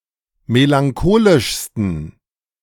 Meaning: 1. superlative degree of melancholisch 2. inflection of melancholisch: strong genitive masculine/neuter singular superlative degree
- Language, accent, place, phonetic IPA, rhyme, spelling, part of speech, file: German, Germany, Berlin, [melaŋˈkoːlɪʃstn̩], -oːlɪʃstn̩, melancholischsten, adjective, De-melancholischsten.ogg